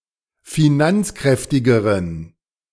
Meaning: inflection of finanzkräftig: 1. strong genitive masculine/neuter singular comparative degree 2. weak/mixed genitive/dative all-gender singular comparative degree
- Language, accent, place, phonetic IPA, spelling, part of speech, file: German, Germany, Berlin, [fiˈnant͡sˌkʁɛftɪɡəʁən], finanzkräftigeren, adjective, De-finanzkräftigeren.ogg